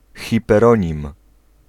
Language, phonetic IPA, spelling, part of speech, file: Polish, [ˌxʲipɛrˈɔ̃ɲĩm], hiperonim, noun, Pl-hiperonim.ogg